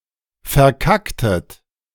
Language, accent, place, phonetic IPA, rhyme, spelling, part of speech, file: German, Germany, Berlin, [fɛɐ̯ˈkaktət], -aktət, verkacktet, verb, De-verkacktet.ogg
- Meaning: inflection of verkacken: 1. second-person plural preterite 2. second-person plural subjunctive II